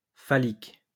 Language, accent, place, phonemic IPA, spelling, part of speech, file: French, France, Lyon, /fa.lik/, phallique, adjective, LL-Q150 (fra)-phallique.wav
- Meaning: phallic